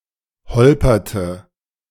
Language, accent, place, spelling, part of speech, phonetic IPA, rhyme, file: German, Germany, Berlin, holperte, verb, [ˈhɔlpɐtə], -ɔlpɐtə, De-holperte.ogg
- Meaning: inflection of holpern: 1. first/third-person singular preterite 2. first/third-person singular subjunctive II